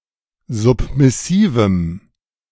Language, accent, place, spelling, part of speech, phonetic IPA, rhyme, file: German, Germany, Berlin, submissivem, adjective, [ˌzʊpmɪˈsiːvm̩], -iːvm̩, De-submissivem.ogg
- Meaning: strong dative masculine/neuter singular of submissiv